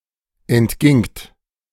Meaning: second-person plural preterite of entgehen
- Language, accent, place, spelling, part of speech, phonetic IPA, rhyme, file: German, Germany, Berlin, entgingt, verb, [ɛntˈɡɪŋt], -ɪŋt, De-entgingt.ogg